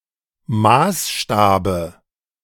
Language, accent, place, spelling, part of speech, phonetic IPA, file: German, Germany, Berlin, Maßstabe, noun, [ˈmaːsˌʃtaːbə], De-Maßstabe.ogg
- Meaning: dative singular of Maßstab